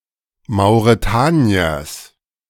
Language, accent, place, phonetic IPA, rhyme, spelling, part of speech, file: German, Germany, Berlin, [maʊ̯ʁeˈtaːni̯ɐs], -aːni̯ɐs, Mauretaniers, noun, De-Mauretaniers.ogg
- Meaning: genitive singular of Mauretanier